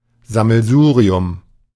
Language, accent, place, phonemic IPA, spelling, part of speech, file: German, Germany, Berlin, /zaml̩ˈzuːʁiʊm/, Sammelsurium, noun, De-Sammelsurium.ogg
- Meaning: hodgepodge